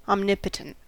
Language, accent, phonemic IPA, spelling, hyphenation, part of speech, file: English, US, /ɑmˈnɪp.ə.tənt/, omnipotent, om‧ni‧po‧tent, adjective / noun, En-us-omnipotent.ogg
- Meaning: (adjective) Having unlimited power, force or authority